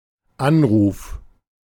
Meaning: 1. a call upon, an appeal (e.g., to gods, a court, etc.) 2. a call, a holler 3. a (phone) call
- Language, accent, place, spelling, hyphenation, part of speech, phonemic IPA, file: German, Germany, Berlin, Anruf, An‧ruf, noun, /ˈanʁuːf/, De-Anruf.ogg